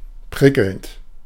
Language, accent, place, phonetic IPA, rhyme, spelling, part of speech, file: German, Germany, Berlin, [ˈpʁɪkl̩nt], -ɪkl̩nt, prickelnd, adjective / verb, De-prickelnd.ogg
- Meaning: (verb) present participle of prickeln; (adjective) prickling, tingling